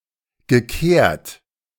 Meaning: past participle of kehren
- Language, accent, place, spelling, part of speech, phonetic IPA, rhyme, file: German, Germany, Berlin, gekehrt, verb, [ɡəˈkeːɐ̯t], -eːɐ̯t, De-gekehrt.ogg